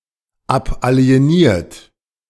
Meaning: 1. past participle of abalienieren 2. inflection of abalienieren: third-person singular present 3. inflection of abalienieren: second-person plural present
- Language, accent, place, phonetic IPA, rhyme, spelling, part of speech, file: German, Germany, Berlin, [ˌapʔali̯eˈniːɐ̯t], -iːɐ̯t, abalieniert, verb, De-abalieniert.ogg